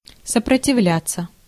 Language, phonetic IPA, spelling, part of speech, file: Russian, [səprətʲɪˈvlʲat͡sːə], сопротивляться, verb, Ru-сопротивляться.ogg
- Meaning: to resist, to oppose